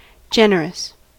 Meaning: 1. Noble in behaviour or actions; principled, not petty; kind, magnanimous 2. Willing to give and share unsparingly; showing a readiness to give more (especially money) than is expected or needed
- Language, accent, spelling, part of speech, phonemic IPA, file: English, US, generous, adjective, /ˈd͡ʒɛn(ə)ɹəs/, En-us-generous.ogg